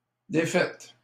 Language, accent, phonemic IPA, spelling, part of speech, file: French, Canada, /de.fɛt/, défaite, noun / verb, LL-Q150 (fra)-défaite.wav
- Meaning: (noun) defeat, loss; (verb) feminine singular of défait